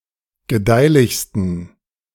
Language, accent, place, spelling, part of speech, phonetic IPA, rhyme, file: German, Germany, Berlin, gedeihlichsten, adjective, [ɡəˈdaɪ̯lɪçstn̩], -aɪ̯lɪçstn̩, De-gedeihlichsten.ogg
- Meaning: 1. superlative degree of gedeihlich 2. inflection of gedeihlich: strong genitive masculine/neuter singular superlative degree